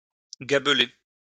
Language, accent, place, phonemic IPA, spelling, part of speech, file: French, France, Lyon, /ɡa.ble/, gabeler, verb, LL-Q150 (fra)-gabeler.wav
- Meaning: to tax the production of salt